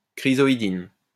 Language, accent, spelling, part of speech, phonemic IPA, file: French, France, chrysoïdine, noun, /kʁi.zɔ.i.din/, LL-Q150 (fra)-chrysoïdine.wav
- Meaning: chrysoidine